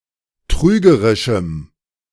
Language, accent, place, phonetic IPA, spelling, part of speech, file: German, Germany, Berlin, [ˈtʁyːɡəʁɪʃm̩], trügerischem, adjective, De-trügerischem.ogg
- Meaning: strong dative masculine/neuter singular of trügerisch